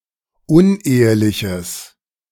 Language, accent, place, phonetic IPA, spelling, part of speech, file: German, Germany, Berlin, [ˈʊnˌʔeːəlɪçəs], uneheliches, adjective, De-uneheliches.ogg
- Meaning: strong/mixed nominative/accusative neuter singular of unehelich